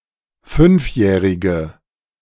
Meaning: inflection of fünfjährig: 1. strong/mixed nominative/accusative feminine singular 2. strong nominative/accusative plural 3. weak nominative all-gender singular
- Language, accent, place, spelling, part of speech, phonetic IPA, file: German, Germany, Berlin, fünfjährige, adjective, [ˈfʏnfˌjɛːʁɪɡə], De-fünfjährige.ogg